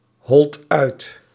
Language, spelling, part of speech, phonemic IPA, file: Dutch, holt uit, verb, /ˈhɔlt ˈœyt/, Nl-holt uit.ogg
- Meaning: inflection of uithollen: 1. second/third-person singular present indicative 2. plural imperative